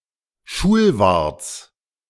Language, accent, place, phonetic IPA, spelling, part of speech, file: German, Germany, Berlin, [ˈʃuːlˌvaʁt͡s], Schulwarts, noun, De-Schulwarts.ogg
- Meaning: genitive of Schulwart